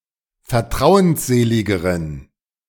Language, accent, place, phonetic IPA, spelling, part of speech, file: German, Germany, Berlin, [fɛɐ̯ˈtʁaʊ̯ənsˌzeːlɪɡəʁən], vertrauensseligeren, adjective, De-vertrauensseligeren.ogg
- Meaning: inflection of vertrauensselig: 1. strong genitive masculine/neuter singular comparative degree 2. weak/mixed genitive/dative all-gender singular comparative degree